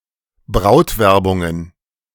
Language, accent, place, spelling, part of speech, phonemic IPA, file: German, Germany, Berlin, Brautwerbungen, noun, /ˈbʁaʊ̯tˌvɛʁbʊŋən/, De-Brautwerbungen.ogg
- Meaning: plural of Brautwerbung